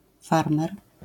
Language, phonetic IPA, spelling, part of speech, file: Polish, [ˈfarmɛr], farmer, noun, LL-Q809 (pol)-farmer.wav